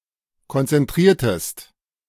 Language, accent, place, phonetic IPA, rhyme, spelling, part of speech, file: German, Germany, Berlin, [kɔnt͡sɛnˈtʁiːɐ̯təst], -iːɐ̯təst, konzentriertest, verb, De-konzentriertest.ogg
- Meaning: inflection of konzentrieren: 1. second-person singular preterite 2. second-person singular subjunctive II